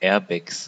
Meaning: 1. genitive singular of Airbag 2. plural of Airbag
- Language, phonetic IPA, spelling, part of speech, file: German, [ˈɛːɐ̯bɛks], Airbags, noun, De-Airbags.ogg